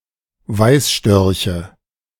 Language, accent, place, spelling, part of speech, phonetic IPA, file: German, Germany, Berlin, Weißstörche, noun, [ˈvaɪ̯sˌʃtœʁçə], De-Weißstörche.ogg
- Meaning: nominative/accusative/genitive plural of Weißstorch